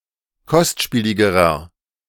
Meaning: inflection of kostspielig: 1. strong/mixed nominative masculine singular comparative degree 2. strong genitive/dative feminine singular comparative degree 3. strong genitive plural comparative degree
- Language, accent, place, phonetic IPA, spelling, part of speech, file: German, Germany, Berlin, [ˈkɔstˌʃpiːlɪɡəʁɐ], kostspieligerer, adjective, De-kostspieligerer.ogg